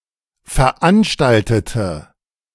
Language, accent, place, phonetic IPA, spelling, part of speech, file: German, Germany, Berlin, [fɛɐ̯ˈʔanʃtaltətə], veranstaltete, adjective / verb, De-veranstaltete.ogg
- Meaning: inflection of veranstalten: 1. first/third-person singular preterite 2. first/third-person singular subjunctive II